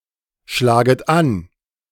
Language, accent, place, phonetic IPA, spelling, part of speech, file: German, Germany, Berlin, [ˌʃlaːɡət ˈan], schlaget an, verb, De-schlaget an.ogg
- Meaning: second-person plural subjunctive I of anschlagen